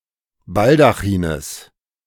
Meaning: genitive of Baldachin
- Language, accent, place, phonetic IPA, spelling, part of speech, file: German, Germany, Berlin, [ˈbaldaxiːnəs], Baldachines, noun, De-Baldachines.ogg